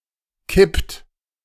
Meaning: inflection of kippen: 1. third-person singular present 2. second-person plural present 3. plural imperative
- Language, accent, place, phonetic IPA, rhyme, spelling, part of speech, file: German, Germany, Berlin, [kɪpt], -ɪpt, kippt, verb, De-kippt.ogg